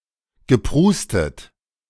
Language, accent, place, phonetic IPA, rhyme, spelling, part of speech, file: German, Germany, Berlin, [ɡəˈpʁuːstət], -uːstət, geprustet, verb, De-geprustet.ogg
- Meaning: past participle of prusten